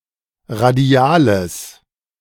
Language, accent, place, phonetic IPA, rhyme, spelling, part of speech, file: German, Germany, Berlin, [ʁaˈdi̯aːləs], -aːləs, radiales, adjective, De-radiales.ogg
- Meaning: strong/mixed nominative/accusative neuter singular of radial